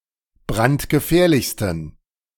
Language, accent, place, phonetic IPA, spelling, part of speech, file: German, Germany, Berlin, [ˈbʁantɡəˌfɛːɐ̯lɪçstn̩], brandgefährlichsten, adjective, De-brandgefährlichsten.ogg
- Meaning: 1. superlative degree of brandgefährlich 2. inflection of brandgefährlich: strong genitive masculine/neuter singular superlative degree